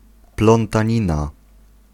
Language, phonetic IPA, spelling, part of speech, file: Polish, [ˌplɔ̃ntãˈɲĩna], plątanina, noun, Pl-plątanina.ogg